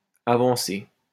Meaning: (adjective) feminine singular of avancé; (noun) 1. advance, progress 2. an ordinance passed to hold a trial ahead of time
- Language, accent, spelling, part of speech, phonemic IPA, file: French, France, avancée, adjective / noun, /a.vɑ̃.se/, LL-Q150 (fra)-avancée.wav